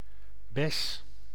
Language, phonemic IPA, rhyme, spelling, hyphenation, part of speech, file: Dutch, /bɛs/, -ɛs, bes, bes, noun, Nl-bes.ogg
- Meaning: 1. berry 2. B-flat 3. an old woman